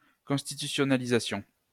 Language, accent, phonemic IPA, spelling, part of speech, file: French, France, /kɔ̃s.ti.ty.sjɔ.na.li.za.sjɔ̃/, constitutionnalisassions, verb, LL-Q150 (fra)-constitutionnalisassions.wav
- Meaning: first-person plural imperfect subjunctive of constitutionnaliser